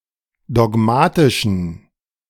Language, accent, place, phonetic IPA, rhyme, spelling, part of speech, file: German, Germany, Berlin, [dɔˈɡmaːtɪʃn̩], -aːtɪʃn̩, dogmatischen, adjective, De-dogmatischen.ogg
- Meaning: inflection of dogmatisch: 1. strong genitive masculine/neuter singular 2. weak/mixed genitive/dative all-gender singular 3. strong/weak/mixed accusative masculine singular 4. strong dative plural